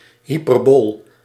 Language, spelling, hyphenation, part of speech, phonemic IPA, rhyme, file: Dutch, hyperbool, hy‧per‧bool, noun, /ˌɦi.pərˈboːl/, -oːl, Nl-hyperbool.ogg
- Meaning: 1. hyperbola 2. hyperbole